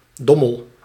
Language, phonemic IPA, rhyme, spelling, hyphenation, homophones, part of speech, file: Dutch, /ˈdɔ.məl/, -ɔməl, Dommel, Dom‧mel, dommel, proper noun, Nl-Dommel.ogg
- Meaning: a river in North Brabant, Netherlands